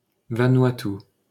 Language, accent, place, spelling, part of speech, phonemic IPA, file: French, France, Paris, Vanuatu, proper noun, /va.nɥa.ty/, LL-Q150 (fra)-Vanuatu.wav
- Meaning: Vanuatu (a country and archipelago of Melanesia in Oceania)